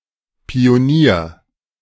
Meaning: 1. pioneer, trailblazer (fig.) (male or of unspecified gender) 2. sapper, engineer (army engineer, combat engineer, military engineer) (male or of unspecified gender)
- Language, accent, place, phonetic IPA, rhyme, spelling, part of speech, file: German, Germany, Berlin, [pioˈniːɐ̯], -iːɐ̯, Pionier, noun, De-Pionier.ogg